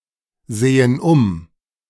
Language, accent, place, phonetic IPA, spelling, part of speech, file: German, Germany, Berlin, [ˌzeːən ˈʊm], sehen um, verb, De-sehen um.ogg
- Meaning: inflection of umsehen: 1. first/third-person plural present 2. first/third-person plural subjunctive I